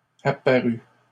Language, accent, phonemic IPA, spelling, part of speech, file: French, Canada, /a.pa.ʁy/, apparues, verb, LL-Q150 (fra)-apparues.wav
- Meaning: feminine plural of apparu